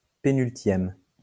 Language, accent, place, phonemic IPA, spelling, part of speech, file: French, France, Lyon, /pe.nyl.tjɛm/, pénultième, adjective / noun, LL-Q150 (fra)-pénultième.wav
- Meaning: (adjective) penultimate, next-to-last; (noun) penult (next-to-last syllable of a word)